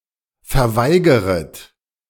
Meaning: second-person plural subjunctive I of verweigern
- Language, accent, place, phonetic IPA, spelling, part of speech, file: German, Germany, Berlin, [fɛɐ̯ˈvaɪ̯ɡəʁət], verweigeret, verb, De-verweigeret.ogg